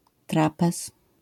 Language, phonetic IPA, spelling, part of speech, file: Polish, [ˈtrapɛs], trapez, noun, LL-Q809 (pol)-trapez.wav